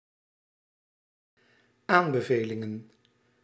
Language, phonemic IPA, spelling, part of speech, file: Dutch, /ˈambəˌvelɪŋə(n)/, aanbevelingen, noun, Nl-aanbevelingen.ogg
- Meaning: plural of aanbeveling